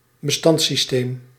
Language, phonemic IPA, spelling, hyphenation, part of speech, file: Dutch, /bəˈstɑnt.siˌsteːm/, bestandssysteem, be‧stands‧sys‧teem, noun, Nl-bestandssysteem.ogg
- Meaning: file system